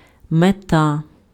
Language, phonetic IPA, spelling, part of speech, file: Ukrainian, [meˈta], мета, noun, Uk-мета.ogg
- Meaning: 1. goal, objective 2. aim, purpose 3. idea, end